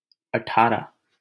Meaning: eighteen
- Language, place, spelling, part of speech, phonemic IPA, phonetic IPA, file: Hindi, Delhi, अठारह, numeral, /ə.ʈʰɑː.ɾəɦ/, [ɐ.ʈʰäː.ɾɛʱ], LL-Q1568 (hin)-अठारह.wav